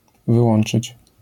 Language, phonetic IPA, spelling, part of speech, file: Polish, [vɨˈwɔ̃n͇t͡ʃɨt͡ɕ], wyłączyć, verb, LL-Q809 (pol)-wyłączyć.wav